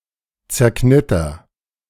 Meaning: inflection of zerknittern: 1. first-person singular present 2. singular imperative
- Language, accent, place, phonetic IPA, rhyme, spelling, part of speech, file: German, Germany, Berlin, [t͡sɛɐ̯ˈknɪtɐ], -ɪtɐ, zerknitter, verb, De-zerknitter.ogg